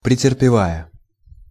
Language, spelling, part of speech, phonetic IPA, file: Russian, претерпевая, verb, [prʲɪtʲɪrpʲɪˈvajə], Ru-претерпевая.ogg
- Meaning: present adverbial imperfective participle of претерпева́ть (preterpevátʹ)